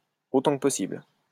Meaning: as much as possible
- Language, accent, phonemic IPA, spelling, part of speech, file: French, France, /o.tɑ̃ k(ə) pɔ.sibl/, autant que possible, adverb, LL-Q150 (fra)-autant que possible.wav